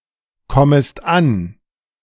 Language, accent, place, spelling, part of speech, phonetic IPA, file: German, Germany, Berlin, kommest an, verb, [ˌkɔməst ˈan], De-kommest an.ogg
- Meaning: second-person singular subjunctive I of ankommen